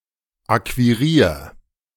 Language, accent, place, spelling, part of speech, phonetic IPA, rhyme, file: German, Germany, Berlin, akquirier, verb, [ˌakviˈʁiːɐ̯], -iːɐ̯, De-akquirier.ogg
- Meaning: 1. singular imperative of akquirieren 2. first-person singular present of akquirieren